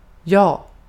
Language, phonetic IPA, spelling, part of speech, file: Swedish, [jɑː], ja, interjection, Sv-ja.ogg